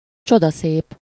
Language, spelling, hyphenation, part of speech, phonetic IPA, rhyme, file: Hungarian, csodaszép, cso‧da‧szép, adjective, [ˈt͡ʃodɒseːp], -eːp, Hu-csodaszép.ogg
- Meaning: superseded spelling of csoda szép